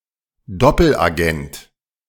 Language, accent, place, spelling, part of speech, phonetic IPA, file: German, Germany, Berlin, Doppelagent, noun, [ˈdɔpl̩ʔaˌɡɛnt], De-Doppelagent.ogg
- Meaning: double agent